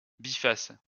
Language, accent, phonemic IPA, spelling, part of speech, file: French, France, /bi.fas/, biface, adjective / noun, LL-Q150 (fra)-biface.wav
- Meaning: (adjective) two-faced (having two faces or sides); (noun) biface